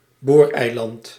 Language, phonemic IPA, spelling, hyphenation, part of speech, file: Dutch, /ˈboːr.ɛi̯ˌlɑnt/, booreiland, boor‧ei‧land, noun, Nl-booreiland.ogg
- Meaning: drilling rig (platform used in drilling for mineral resources)